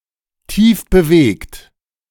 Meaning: deeply moved / touched
- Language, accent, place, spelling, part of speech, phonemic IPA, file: German, Germany, Berlin, tiefbewegt, adjective, /ˈtiːfbəˌveːkt/, De-tiefbewegt.ogg